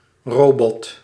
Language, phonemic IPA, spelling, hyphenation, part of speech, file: Dutch, /ˈroː.bɔt/, robot, ro‧bot, noun, Nl-robot.ogg
- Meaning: robot